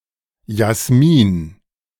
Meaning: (noun) jasmine; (proper noun) a female given name of modern usage, equivalent to English Jasmine
- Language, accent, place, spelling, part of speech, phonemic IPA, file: German, Germany, Berlin, Jasmin, noun / proper noun, /jasˈmiːn/, De-Jasmin.ogg